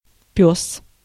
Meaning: 1. dog 2. male dog
- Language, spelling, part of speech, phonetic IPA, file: Russian, пёс, noun, [pʲɵs], Ru-пёс.ogg